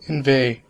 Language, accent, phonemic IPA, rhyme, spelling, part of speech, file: English, US, /ɪnˈveɪ/, -eɪ, inveigh, verb, En-us-inveigh.ogg
- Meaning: 1. To complain loudly, to give voice to one's censure or criticism 2. To draw in or away; to entice, inveigle